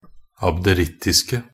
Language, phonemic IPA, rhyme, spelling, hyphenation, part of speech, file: Norwegian Bokmål, /abdəˈrɪtːɪskə/, -ɪskə, abderittiske, ab‧de‧ritt‧is‧ke, adjective, Nb-abderittiske.ogg
- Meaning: 1. definite singular of abderittisk 2. plural of abderittisk